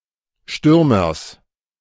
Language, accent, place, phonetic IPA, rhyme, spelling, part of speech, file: German, Germany, Berlin, [ˈʃtʏʁmɐs], -ʏʁmɐs, Stürmers, noun, De-Stürmers.ogg
- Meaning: genitive singular of Stürmer